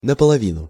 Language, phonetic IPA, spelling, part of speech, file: Russian, [nəpəɫɐˈvʲinʊ], наполовину, adverb, Ru-наполовину.ogg
- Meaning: 1. in half 2. by halves 3. partially, partly, half